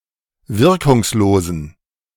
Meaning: inflection of wirkungslos: 1. strong genitive masculine/neuter singular 2. weak/mixed genitive/dative all-gender singular 3. strong/weak/mixed accusative masculine singular 4. strong dative plural
- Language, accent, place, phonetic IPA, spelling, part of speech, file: German, Germany, Berlin, [ˈvɪʁkʊŋsˌloːzn̩], wirkungslosen, adjective, De-wirkungslosen.ogg